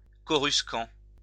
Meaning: coruscant
- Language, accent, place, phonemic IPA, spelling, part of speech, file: French, France, Lyon, /kɔ.ʁys.kɑ̃/, coruscant, adjective, LL-Q150 (fra)-coruscant.wav